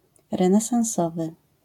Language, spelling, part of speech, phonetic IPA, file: Polish, renesansowy, adjective, [ˌrɛ̃nɛsãw̃ˈsɔvɨ], LL-Q809 (pol)-renesansowy.wav